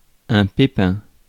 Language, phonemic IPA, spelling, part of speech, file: French, /pe.pɛ̃/, pépin, noun, Fr-pépin.ogg
- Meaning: 1. pip (the seed from fruit) 2. hitch, glitch (small problem encountered) 3. umbrella 4. a problem 5. parachute